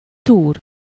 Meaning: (verb) 1. to dig (to move earth out of the way, especially downward to make a hole) 2. to root about (to turn up or dig with the snout) 3. to rummage; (noun) injury (from harness, yoke, or saddle)
- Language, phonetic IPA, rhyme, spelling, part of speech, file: Hungarian, [ˈtuːr], -uːr, túr, verb / noun, Hu-túr.ogg